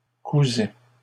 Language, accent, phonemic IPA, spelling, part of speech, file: French, Canada, /ku.zɛ/, cousaient, verb, LL-Q150 (fra)-cousaient.wav
- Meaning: third-person plural imperfect indicative of coudre